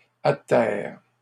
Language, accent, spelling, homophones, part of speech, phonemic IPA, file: French, Canada, atterre, atterrent / atterres, verb, /a.tɛʁ/, LL-Q150 (fra)-atterre.wav
- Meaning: inflection of atterrer: 1. first/third-person singular present indicative/subjunctive 2. second-person singular imperative